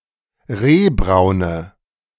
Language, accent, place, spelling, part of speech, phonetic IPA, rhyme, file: German, Germany, Berlin, rehbraune, adjective, [ˈʁeːˌbʁaʊ̯nə], -eːbʁaʊ̯nə, De-rehbraune.ogg
- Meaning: inflection of rehbraun: 1. strong/mixed nominative/accusative feminine singular 2. strong nominative/accusative plural 3. weak nominative all-gender singular